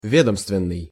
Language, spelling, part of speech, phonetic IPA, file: Russian, ведомственный, adjective, [ˈvʲedəmstvʲɪn(ː)ɨj], Ru-ведомственный.ogg
- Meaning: 1. departmental, bureaucratic, institutional 2. narrow, bureaucratic